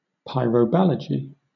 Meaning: The study of artillery; the practice of using artillery as a weapon
- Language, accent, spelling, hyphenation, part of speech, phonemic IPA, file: English, Southern England, pyroballogy, py‧ro‧bal‧lo‧gy, noun, /ˌpaɪ.ɹəʊˈbæl.ə.d͡ʒi/, LL-Q1860 (eng)-pyroballogy.wav